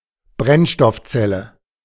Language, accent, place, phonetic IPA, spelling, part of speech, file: German, Germany, Berlin, [ˈbʁɛnʃtɔfˌt͡sɛlə], Brennstoffzelle, noun, De-Brennstoffzelle.ogg
- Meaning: fuel cell